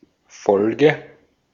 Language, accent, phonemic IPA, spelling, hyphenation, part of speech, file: German, Austria, /ˈfɔlɡə/, Folge, Fol‧ge, noun, De-at-Folge.ogg
- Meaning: 1. sequence 2. consequence 3. episode